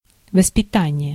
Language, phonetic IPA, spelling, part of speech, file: Russian, [vəspʲɪˈtanʲɪje], воспитание, noun, Ru-воспитание.ogg
- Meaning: 1. education, upbringing 2. training